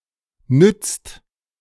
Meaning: inflection of nützen: 1. second-person singular/plural present 2. third-person singular present 3. plural imperative
- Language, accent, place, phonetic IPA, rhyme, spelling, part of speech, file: German, Germany, Berlin, [nʏt͡st], -ʏt͡st, nützt, verb, De-nützt.ogg